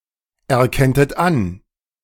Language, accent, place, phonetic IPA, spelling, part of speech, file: German, Germany, Berlin, [ɛɐ̯ˌkɛntət ˈan], erkenntet an, verb, De-erkenntet an.ogg
- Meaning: second-person plural subjunctive II of anerkennen